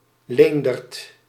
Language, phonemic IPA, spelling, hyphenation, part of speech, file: Dutch, /ˈleːndərt/, Leendert, Leen‧dert, proper noun, Nl-Leendert.ogg
- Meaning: a male given name